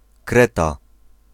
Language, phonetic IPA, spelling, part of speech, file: Polish, [ˈkrɛta], Kreta, proper noun, Pl-Kreta.ogg